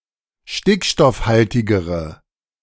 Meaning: inflection of stickstoffhaltig: 1. strong/mixed nominative/accusative feminine singular comparative degree 2. strong nominative/accusative plural comparative degree
- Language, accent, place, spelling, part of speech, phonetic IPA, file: German, Germany, Berlin, stickstoffhaltigere, adjective, [ˈʃtɪkʃtɔfˌhaltɪɡəʁə], De-stickstoffhaltigere.ogg